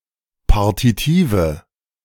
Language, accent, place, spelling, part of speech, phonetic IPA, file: German, Germany, Berlin, Partitive, noun, [ˈpaʁtitiːvə], De-Partitive.ogg
- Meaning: nominative/accusative/genitive plural of Partitiv